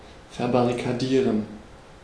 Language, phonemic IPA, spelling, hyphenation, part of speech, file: German, /fɛɐ̯baʁikaˈdiːʁən/, verbarrikadieren, ver‧bar‧ri‧ka‧die‧ren, verb, De-verbarrikadieren.ogg
- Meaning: to barricade